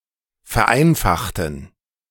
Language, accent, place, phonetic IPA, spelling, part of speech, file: German, Germany, Berlin, [fɛɐ̯ˈʔaɪ̯nfaxtn̩], vereinfachten, adjective / verb, De-vereinfachten.ogg
- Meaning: inflection of vereinfachen: 1. first/third-person plural preterite 2. first/third-person plural subjunctive II